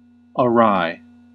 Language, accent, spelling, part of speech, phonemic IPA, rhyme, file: English, US, awry, adverb / adjective, /əˈɹaɪ/, -aɪ, En-us-awry.ogg
- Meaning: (adverb) 1. Obliquely, crookedly; askew 2. Perversely, improperly; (adjective) Turned or twisted toward one side; crooked, distorted, out of place; wry